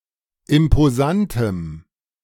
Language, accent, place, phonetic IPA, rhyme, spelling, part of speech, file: German, Germany, Berlin, [ɪmpoˈzantəm], -antəm, imposantem, adjective, De-imposantem.ogg
- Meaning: strong dative masculine/neuter singular of imposant